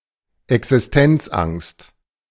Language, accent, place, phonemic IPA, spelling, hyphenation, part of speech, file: German, Germany, Berlin, /ɛksɪsˈtɛnt͡sʔaŋst/, Existenzangst, Exis‧tenz‧angst, noun, De-Existenzangst.ogg
- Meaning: existential angst